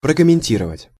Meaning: to comment (various senses)
- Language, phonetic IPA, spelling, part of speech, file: Russian, [prəkəmʲɪnʲˈtʲirəvətʲ], прокомментировать, verb, Ru-прокомментировать.ogg